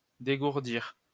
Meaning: 1. to warm up (one's fingers etc); to stretch (one's legs) 2. to teach a thing or two, knock the rough edges off
- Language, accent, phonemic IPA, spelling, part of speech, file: French, France, /de.ɡuʁ.diʁ/, dégourdir, verb, LL-Q150 (fra)-dégourdir.wav